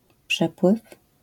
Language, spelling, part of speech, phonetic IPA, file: Polish, przepływ, noun, [ˈpʃɛpwɨf], LL-Q809 (pol)-przepływ.wav